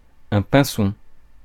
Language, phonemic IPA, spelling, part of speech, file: French, /pɛ̃.sɔ̃/, pinson, noun, Fr-pinson.ogg
- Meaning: finch (bird of the family Fringillidae)